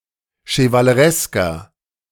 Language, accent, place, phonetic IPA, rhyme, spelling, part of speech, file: German, Germany, Berlin, [ʃəvaləˈʁɛskɐ], -ɛskɐ, chevaleresker, adjective, De-chevaleresker.ogg
- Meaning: 1. comparative degree of chevaleresk 2. inflection of chevaleresk: strong/mixed nominative masculine singular 3. inflection of chevaleresk: strong genitive/dative feminine singular